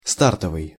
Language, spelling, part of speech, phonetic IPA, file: Russian, стартовый, adjective, [ˈstartəvɨj], Ru-стартовый.ogg
- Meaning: 1. starting 2. launching 3. initial